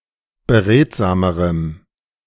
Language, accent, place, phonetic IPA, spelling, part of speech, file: German, Germany, Berlin, [bəˈʁeːtzaːməʁəm], beredsamerem, adjective, De-beredsamerem.ogg
- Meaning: strong dative masculine/neuter singular comparative degree of beredsam